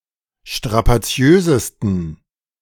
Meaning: 1. superlative degree of strapaziös 2. inflection of strapaziös: strong genitive masculine/neuter singular superlative degree
- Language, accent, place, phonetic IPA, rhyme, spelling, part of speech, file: German, Germany, Berlin, [ʃtʁapaˈt͡si̯øːzəstn̩], -øːzəstn̩, strapaziösesten, adjective, De-strapaziösesten.ogg